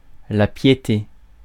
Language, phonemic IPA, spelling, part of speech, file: French, /pje.te/, piété, noun, Fr-piété.ogg
- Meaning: piety (the condition and quality of being pious)